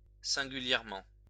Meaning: 1. singularly 2. on one's own 3. alone (exclusive of others) 4. in particular, especially 5. strangely, oddly, bizarrely (evoking curiosity) 6. totally, wholly
- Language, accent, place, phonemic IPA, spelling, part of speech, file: French, France, Lyon, /sɛ̃.ɡy.ljɛʁ.mɑ̃/, singulièrement, adverb, LL-Q150 (fra)-singulièrement.wav